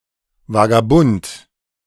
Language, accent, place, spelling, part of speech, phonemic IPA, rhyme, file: German, Germany, Berlin, Vagabund, noun, /vaɡaˈbʊnt/, -ʊnt, De-Vagabund.ogg
- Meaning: vagabond